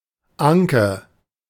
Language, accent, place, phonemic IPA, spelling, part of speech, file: German, Germany, Berlin, /ˈaŋkə/, Anke, noun / proper noun, De-Anke.ogg
- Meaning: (noun) 1. nape of the neck 2. lake trout (Salmo trutta lacustris); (proper noun) a diminutive of the female given name Anna, from Low German; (noun) butter